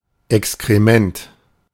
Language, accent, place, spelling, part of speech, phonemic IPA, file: German, Germany, Berlin, Exkrement, noun, /ʔɛkskʁeˈmɛnt/, De-Exkrement.ogg
- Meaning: excrement, feces